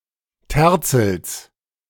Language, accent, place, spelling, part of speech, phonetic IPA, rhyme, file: German, Germany, Berlin, Terzels, noun, [ˈtɛʁt͡sl̩s], -ɛʁt͡sl̩s, De-Terzels.ogg
- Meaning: genitive singular of Terzel